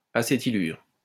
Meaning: acetylide (any organic compound derived from acetylene or a terminal acetylene by replacing a hydrogen atom with a metal)
- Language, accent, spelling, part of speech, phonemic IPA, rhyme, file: French, France, acétylure, noun, /a.se.ti.lyʁ/, -yʁ, LL-Q150 (fra)-acétylure.wav